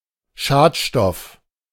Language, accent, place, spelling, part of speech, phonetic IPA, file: German, Germany, Berlin, Schadstoff, noun, [ˈʃaːtˌʃtɔf], De-Schadstoff.ogg
- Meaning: pollutant, contaminant